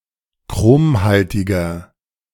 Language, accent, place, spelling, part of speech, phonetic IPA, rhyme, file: German, Germany, Berlin, chromhaltiger, adjective, [ˈkʁoːmˌhaltɪɡɐ], -oːmhaltɪɡɐ, De-chromhaltiger.ogg
- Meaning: inflection of chromhaltig: 1. strong/mixed nominative masculine singular 2. strong genitive/dative feminine singular 3. strong genitive plural